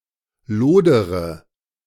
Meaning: inflection of lodern: 1. first-person singular present 2. first-person plural subjunctive I 3. third-person singular subjunctive I 4. singular imperative
- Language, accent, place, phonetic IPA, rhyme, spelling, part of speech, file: German, Germany, Berlin, [ˈloːdəʁə], -oːdəʁə, lodere, verb, De-lodere.ogg